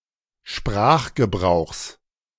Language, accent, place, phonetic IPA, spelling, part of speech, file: German, Germany, Berlin, [ˈʃpʁaːxɡəˌbʁaʊ̯xs], Sprachgebrauchs, noun, De-Sprachgebrauchs.ogg
- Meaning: genitive singular of Sprachgebrauch